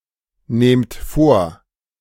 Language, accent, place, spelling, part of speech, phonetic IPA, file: German, Germany, Berlin, nahmt vor, verb, [ˌnaːmt ˈfoːɐ̯], De-nahmt vor.ogg
- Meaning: second-person plural preterite of vornehmen